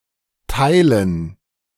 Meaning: 1. gerund of teilen; division 2. dative plural of Teil
- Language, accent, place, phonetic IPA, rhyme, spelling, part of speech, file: German, Germany, Berlin, [ˈtaɪ̯lən], -aɪ̯lən, Teilen, noun, De-Teilen.ogg